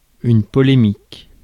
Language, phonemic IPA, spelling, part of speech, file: French, /pɔ.le.mik/, polémique, noun / adjective / verb, Fr-polémique.ogg
- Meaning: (noun) polemic, controversy; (adjective) 1. polemic 2. controversial; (verb) inflection of polémiquer: first/third-person singular present indicative/subjunctive